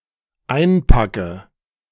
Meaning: inflection of einpacken: 1. first-person singular dependent present 2. first/third-person singular dependent subjunctive I
- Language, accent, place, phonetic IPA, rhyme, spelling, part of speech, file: German, Germany, Berlin, [ˈaɪ̯nˌpakə], -aɪ̯npakə, einpacke, verb, De-einpacke.ogg